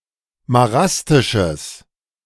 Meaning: strong/mixed nominative/accusative neuter singular of marastisch
- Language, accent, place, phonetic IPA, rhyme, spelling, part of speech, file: German, Germany, Berlin, [maˈʁastɪʃəs], -astɪʃəs, marastisches, adjective, De-marastisches.ogg